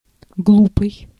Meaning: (adjective) 1. silly, stupid, foolish 2. inane, irrational, unreasonable; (noun) blockhead, dolt, numskull
- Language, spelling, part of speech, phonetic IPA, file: Russian, глупый, adjective / noun, [ˈɡɫupɨj], Ru-глупый.ogg